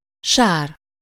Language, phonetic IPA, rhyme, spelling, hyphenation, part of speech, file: Hungarian, [ˈʃaːr], -aːr, sár, sár, noun, Hu-sár.ogg
- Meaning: 1. mud (a mixture of water and soil or fine grained sediment) 2. mud, dirt, dust, mire, smirch (miserable, shameful, despised situation or condition) 3. sin, fault, wrong, culpability